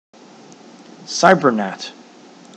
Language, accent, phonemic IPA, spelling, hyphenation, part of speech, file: English, General American, /ˈsaɪbɚnæt/, cybernat, cy‧ber‧nat, noun, En-us-cybernat.ogg
- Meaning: A Scottish nationalist who takes part in Internet activism